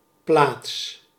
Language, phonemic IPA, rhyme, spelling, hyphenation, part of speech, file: Dutch, /plaːts/, -aːts, plaats, plaats, noun / verb, Nl-plaats.ogg
- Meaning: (noun) 1. place, position 2. a settlement; a town, city, village, hamlet or the like 3. a place, a location in a text 4. Space, especially free space (e.g. volume, area or storage space on a medium)